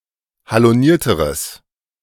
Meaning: strong/mixed nominative/accusative neuter singular comparative degree of haloniert
- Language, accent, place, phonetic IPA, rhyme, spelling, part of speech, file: German, Germany, Berlin, [haloˈniːɐ̯təʁəs], -iːɐ̯təʁəs, halonierteres, adjective, De-halonierteres.ogg